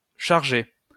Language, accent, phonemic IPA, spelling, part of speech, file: French, France, /ʃaʁ.ʒe/, chargé, verb / adjective / noun, LL-Q150 (fra)-chargé.wav
- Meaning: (verb) past participle of charger; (adjective) busy; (noun) boss; chief (normally only used in expressions)